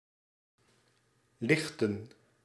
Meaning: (verb) 1. to raise, to lift up 2. to empty out 3. to illuminate, shine light; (noun) plural of licht
- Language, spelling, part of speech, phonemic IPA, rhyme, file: Dutch, lichten, verb / noun, /ˈlɪx.tən/, -ɪxtən, Nl-lichten.ogg